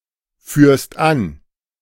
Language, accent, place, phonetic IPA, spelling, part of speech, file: German, Germany, Berlin, [ˌfyːɐ̯st ˈan], führst an, verb, De-führst an.ogg
- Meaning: second-person singular present of anführen